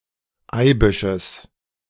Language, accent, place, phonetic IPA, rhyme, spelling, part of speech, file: German, Germany, Berlin, [ˈaɪ̯bɪʃəs], -aɪ̯bɪʃəs, Eibisches, noun, De-Eibisches.ogg
- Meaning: genitive of Eibisch